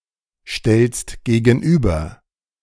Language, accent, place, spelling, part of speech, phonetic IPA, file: German, Germany, Berlin, stellst gegenüber, verb, [ˌʃtɛlst ɡeːɡn̩ˈʔyːbɐ], De-stellst gegenüber.ogg
- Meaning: second-person singular present of gegenüberstellen